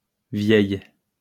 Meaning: feminine plural of vieux
- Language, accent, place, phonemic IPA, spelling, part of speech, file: French, France, Lyon, /vjɛj/, vieilles, adjective, LL-Q150 (fra)-vieilles.wav